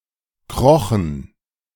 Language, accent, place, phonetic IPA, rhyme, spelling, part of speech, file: German, Germany, Berlin, [ˈkʁɔxn̩], -ɔxn̩, krochen, verb, De-krochen.ogg
- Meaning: first/third-person plural preterite of kriechen